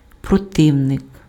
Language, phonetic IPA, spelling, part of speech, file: Ukrainian, [prɔˈtɪu̯nek], противник, noun, Uk-противник.ogg
- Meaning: opponent, adversary, antagonist